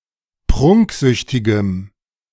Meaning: strong dative masculine/neuter singular of prunksüchtig
- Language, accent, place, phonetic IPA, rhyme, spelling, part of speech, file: German, Germany, Berlin, [ˈpʁʊŋkˌzʏçtɪɡəm], -ʊŋkzʏçtɪɡəm, prunksüchtigem, adjective, De-prunksüchtigem.ogg